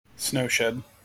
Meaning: A tunnel-like structure that provides roads and railroad tracks with protection from avalanches and heavy snowfalls that cannot be easily removed
- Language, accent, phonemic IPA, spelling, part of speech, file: English, General American, /ˈsnoʊˌʃɛd/, snow shed, noun, En-us-snow shed.mp3